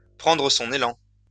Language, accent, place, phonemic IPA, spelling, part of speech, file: French, France, Lyon, /pʁɑ̃.dʁə sɔ̃.n‿e.lɑ̃/, prendre son élan, verb, LL-Q150 (fra)-prendre son élan.wav
- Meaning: to take a run-up